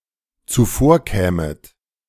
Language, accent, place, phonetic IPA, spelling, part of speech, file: German, Germany, Berlin, [t͡suˈfoːɐ̯ˌkɛːmət], zuvorkämet, verb, De-zuvorkämet.ogg
- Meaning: second-person plural dependent subjunctive II of zuvorkommen